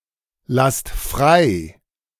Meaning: inflection of freilassen: 1. second-person plural present 2. plural imperative
- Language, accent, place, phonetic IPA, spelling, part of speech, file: German, Germany, Berlin, [ˌlast ˈfʁaɪ̯], lasst frei, verb, De-lasst frei.ogg